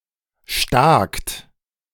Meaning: 1. inflection of staken: second-person singular present 2. inflection of staken: third-person plural present 3. second-person plural preterite of stecken
- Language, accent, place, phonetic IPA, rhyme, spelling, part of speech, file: German, Germany, Berlin, [ʃtaːkt], -aːkt, stakt, verb, De-stakt.ogg